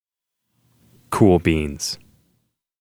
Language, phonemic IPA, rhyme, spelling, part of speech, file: English, /kuːl biːnz/, -iːnz, cool beans, interjection, En-cool beans.oga
- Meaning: A humorous and lighthearted nonsense phrase indicating approval or mild excitement: great, wow